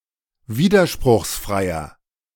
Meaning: inflection of widerspruchsfrei: 1. strong/mixed nominative masculine singular 2. strong genitive/dative feminine singular 3. strong genitive plural
- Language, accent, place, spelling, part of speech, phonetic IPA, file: German, Germany, Berlin, widerspruchsfreier, adjective, [ˈviːdɐʃpʁʊxsˌfʁaɪ̯ɐ], De-widerspruchsfreier.ogg